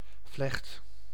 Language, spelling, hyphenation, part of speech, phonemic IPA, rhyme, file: Dutch, vlecht, vlecht, noun / verb, /vlɛxt/, -ɛxt, Nl-vlecht.ogg
- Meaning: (noun) braid, plait; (verb) inflection of vlechten: 1. first/second/third-person singular present indicative 2. imperative